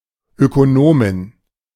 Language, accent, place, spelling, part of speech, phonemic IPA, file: German, Germany, Berlin, Ökonomin, noun, /ˌøːkoˈnoːmɪn/, De-Ökonomin.ogg
- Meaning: female equivalent of Ökonom (“economist”)